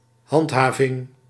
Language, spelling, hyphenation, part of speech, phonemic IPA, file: Dutch, handhaving, hand‧ha‧ving, noun, /ˈɦɑntˌɦaː.vɪŋ/, Nl-handhaving.ogg
- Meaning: enforcement, maintaining, upholding